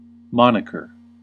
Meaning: 1. A personal name or nickname; an informal label, often drawing attention to a particular attribute 2. A person's signature
- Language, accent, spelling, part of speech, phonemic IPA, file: English, US, moniker, noun, /ˈmɑn.ɪ.kɚ/, En-us-moniker.ogg